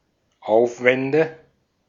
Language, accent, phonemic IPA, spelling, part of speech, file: German, Austria, /ˈʔaʊ̯fvɛndə/, Aufwände, noun, De-at-Aufwände.ogg
- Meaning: nominative/accusative/genitive plural of Aufwand